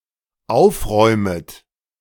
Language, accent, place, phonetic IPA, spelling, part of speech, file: German, Germany, Berlin, [ˈaʊ̯fˌʁɔɪ̯mət], aufräumet, verb, De-aufräumet.ogg
- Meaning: second-person plural dependent subjunctive I of aufräumen